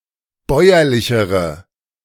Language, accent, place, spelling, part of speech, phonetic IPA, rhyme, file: German, Germany, Berlin, bäuerlichere, adjective, [ˈbɔɪ̯ɐlɪçəʁə], -ɔɪ̯ɐlɪçəʁə, De-bäuerlichere.ogg
- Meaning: inflection of bäuerlich: 1. strong/mixed nominative/accusative feminine singular comparative degree 2. strong nominative/accusative plural comparative degree